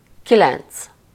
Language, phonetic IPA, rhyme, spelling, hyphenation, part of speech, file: Hungarian, [ˈkilɛnt͡s], -ɛnt͡s, kilenc, ki‧lenc, numeral, Hu-kilenc.ogg
- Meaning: nine